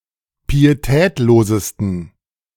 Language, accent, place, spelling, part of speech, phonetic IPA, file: German, Germany, Berlin, pietätlosesten, adjective, [piːeˈtɛːtloːzəstn̩], De-pietätlosesten.ogg
- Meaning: 1. superlative degree of pietätlos 2. inflection of pietätlos: strong genitive masculine/neuter singular superlative degree